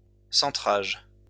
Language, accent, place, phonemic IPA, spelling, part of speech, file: French, France, Lyon, /sɑ̃.tʁaʒ/, centrage, noun, LL-Q150 (fra)-centrage.wav
- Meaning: centering (act of putting into the center)